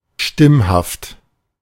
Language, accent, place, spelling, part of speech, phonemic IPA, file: German, Germany, Berlin, stimmhaft, adjective, /ˈʃtɪmhaft/, De-stimmhaft.ogg
- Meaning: voiced (sounded with the vibration of the vocal cords)